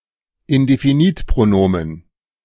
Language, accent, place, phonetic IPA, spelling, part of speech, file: German, Germany, Berlin, [ɪndefiˈniːtpʁoˌnoːmən], Indefinitpronomen, noun, De-Indefinitpronomen.ogg
- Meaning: indefinite pronoun